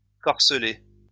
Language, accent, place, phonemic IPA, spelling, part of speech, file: French, France, Lyon, /kɔʁ.sə.lɛ/, corselet, noun, LL-Q150 (fra)-corselet.wav
- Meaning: 1. corselet (garment) 2. corselet, thorax